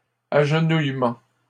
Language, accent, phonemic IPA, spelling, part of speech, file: French, Canada, /aʒ.nuj.mɑ̃/, agenouillement, noun, LL-Q150 (fra)-agenouillement.wav
- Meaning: kneeling